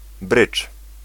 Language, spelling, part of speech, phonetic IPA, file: Polish, brydż, noun, [brɨt͡ʃ], Pl-brydż.ogg